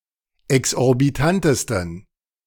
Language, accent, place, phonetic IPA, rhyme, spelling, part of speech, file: German, Germany, Berlin, [ɛksʔɔʁbiˈtantəstn̩], -antəstn̩, exorbitantesten, adjective, De-exorbitantesten.ogg
- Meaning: 1. superlative degree of exorbitant 2. inflection of exorbitant: strong genitive masculine/neuter singular superlative degree